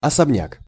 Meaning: mansion, detached house
- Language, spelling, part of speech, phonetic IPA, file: Russian, особняк, noun, [ɐsɐbˈnʲak], Ru-особняк.ogg